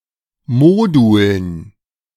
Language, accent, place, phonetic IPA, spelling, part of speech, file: German, Germany, Berlin, [ˈmoːdʊln], Moduln, noun, De-Moduln.ogg
- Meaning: nominative genitive dative accusative plural of Modul